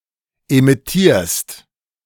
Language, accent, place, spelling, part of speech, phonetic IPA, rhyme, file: German, Germany, Berlin, emittierst, verb, [emɪˈtiːɐ̯st], -iːɐ̯st, De-emittierst.ogg
- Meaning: second-person singular present of emittieren